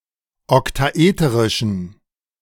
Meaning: inflection of oktaeterisch: 1. strong genitive masculine/neuter singular 2. weak/mixed genitive/dative all-gender singular 3. strong/weak/mixed accusative masculine singular 4. strong dative plural
- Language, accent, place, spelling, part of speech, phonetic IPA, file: German, Germany, Berlin, oktaeterischen, adjective, [ɔktaˈʔeːtəʁɪʃn̩], De-oktaeterischen.ogg